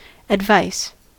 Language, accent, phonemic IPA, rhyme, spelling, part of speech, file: English, US, /ədˈvaɪs/, -aɪs, advice, noun / verb, En-us-advice.ogg
- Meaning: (noun) 1. An opinion offered to guide behavior in an effort to be helpful 2. Deliberate consideration; knowledge 3. Information or news given; intelligence